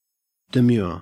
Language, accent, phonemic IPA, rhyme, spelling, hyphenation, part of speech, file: English, Australia, /dəˈmjʊə(ɹ)/, -ʊə(ɹ), demure, de‧mure, adjective / verb, En-au-demure.ogg
- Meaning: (adjective) 1. Modest, quiet, reserved, or serious 2. Affectedly modest, decorous, or serious; making a show of gravity; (verb) To look demurely